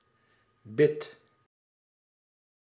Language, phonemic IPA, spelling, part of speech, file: Dutch, /bɪt/, bid, verb, Nl-bid.ogg
- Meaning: inflection of bidden: 1. first-person singular present indicative 2. second-person singular present indicative 3. imperative